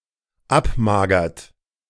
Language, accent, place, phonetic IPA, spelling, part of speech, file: German, Germany, Berlin, [ˈapˌmaːɡɐt], abmagert, verb, De-abmagert.ogg
- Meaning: inflection of abmagern: 1. third-person singular dependent present 2. second-person plural dependent present